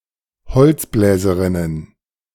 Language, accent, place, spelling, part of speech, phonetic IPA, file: German, Germany, Berlin, beziffere, verb, [bəˈt͡sɪfəʁə], De-beziffere.ogg
- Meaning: inflection of beziffern: 1. first-person singular present 2. first-person plural subjunctive I 3. third-person singular subjunctive I 4. singular imperative